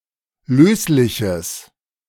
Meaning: strong/mixed nominative/accusative neuter singular of löslich
- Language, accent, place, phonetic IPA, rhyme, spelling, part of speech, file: German, Germany, Berlin, [ˈløːslɪçəs], -øːslɪçəs, lösliches, adjective, De-lösliches.ogg